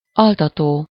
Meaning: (verb) present participle of altat; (adjective) soporific (something inducing sleep); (noun) sleeping pill, sleeping tablet (a pill or tablet having a soporific effect)
- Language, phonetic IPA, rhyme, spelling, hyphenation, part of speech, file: Hungarian, [ˈɒltɒtoː], -toː, altató, al‧ta‧tó, verb / adjective / noun, Hu-altató.ogg